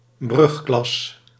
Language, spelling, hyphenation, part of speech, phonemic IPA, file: Dutch, brugklas, brug‧klas, noun, /ˈbrʏx.klɑs/, Nl-brugklas.ogg
- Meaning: 1. the first form or grade of secondary education 2. a school class of pupils at this level